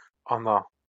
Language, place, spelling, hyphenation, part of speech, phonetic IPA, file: Azerbaijani, Baku, ana, a‧na, noun, [ɑˈnɑ], LL-Q9292 (aze)-ana.wav
- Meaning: mother